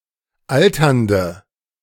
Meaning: inflection of alternd: 1. strong/mixed nominative/accusative feminine singular 2. strong nominative/accusative plural 3. weak nominative all-gender singular 4. weak accusative feminine/neuter singular
- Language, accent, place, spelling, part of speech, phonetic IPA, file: German, Germany, Berlin, alternde, adjective, [ˈaltɐndə], De-alternde.ogg